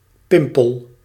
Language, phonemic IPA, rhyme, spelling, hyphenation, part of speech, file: Dutch, /ˈpɪmpəl/, -ɪmpəl, pimpel, pim‧pel, noun, Nl-pimpel.ogg
- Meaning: clipping of pimpelmees